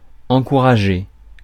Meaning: 1. to encourage 2. to motivate oneself 3. to encourage each other 4. to promote
- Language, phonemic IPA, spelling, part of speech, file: French, /ɑ̃.ku.ʁa.ʒe/, encourager, verb, Fr-encourager.ogg